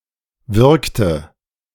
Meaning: inflection of wirken: 1. first/third-person singular preterite 2. first/third-person singular subjunctive II
- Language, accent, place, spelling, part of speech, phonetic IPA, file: German, Germany, Berlin, wirkte, verb, [ˈvɪʁktə], De-wirkte.ogg